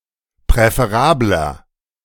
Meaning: 1. comparative degree of präferabel 2. inflection of präferabel: strong/mixed nominative masculine singular 3. inflection of präferabel: strong genitive/dative feminine singular
- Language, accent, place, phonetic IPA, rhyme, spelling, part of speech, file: German, Germany, Berlin, [pʁɛfeˈʁaːblɐ], -aːblɐ, präferabler, adjective, De-präferabler.ogg